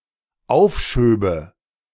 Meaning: first/third-person singular dependent subjunctive II of aufschieben
- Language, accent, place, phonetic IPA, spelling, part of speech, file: German, Germany, Berlin, [ˈaʊ̯fˌʃøːbə], aufschöbe, verb, De-aufschöbe.ogg